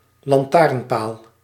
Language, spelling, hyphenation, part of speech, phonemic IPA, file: Dutch, lantaarnpaal, lan‧taarn‧paal, noun, /lɑnˈtaːrnˌpaːl/, Nl-lantaarnpaal.ogg
- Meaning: a lamppost